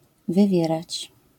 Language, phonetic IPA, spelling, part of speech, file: Polish, [vɨˈvʲjɛrat͡ɕ], wywierać, verb, LL-Q809 (pol)-wywierać.wav